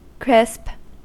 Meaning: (adjective) Senses relating to curliness.: Of hair: curling, especially in tight, stiff curls or ringlets; also (obsolete), of a person: having hair curled in this manner
- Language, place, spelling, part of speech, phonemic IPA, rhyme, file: English, California, crisp, adjective / noun / verb, /kɹɪsp/, -ɪsp, En-us-crisp.ogg